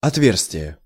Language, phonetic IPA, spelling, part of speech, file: Russian, [ɐtˈvʲers⁽ʲ⁾tʲɪje], отверстие, noun, Ru-отверстие.ogg
- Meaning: 1. opening, aperture, hole, perforation 2. mesh (of a screen) 3. orifice, mouth, vent, passage, inlet, outlet, port 4. break, gap 5. bore 6. span (of a bridge)